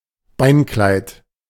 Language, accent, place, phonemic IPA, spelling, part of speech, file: German, Germany, Berlin, /ˈbaɪ̯nˌklaɪ̯t/, Beinkleid, noun, De-Beinkleid.ogg
- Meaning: pants, trousers